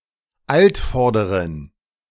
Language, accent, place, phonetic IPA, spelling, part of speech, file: German, Germany, Berlin, [ˈaltˌfɔʁdəʁən], Altvorderen, noun, De-Altvorderen.ogg
- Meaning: 1. genitive singular of Altvorderer 2. plural of Altvorderer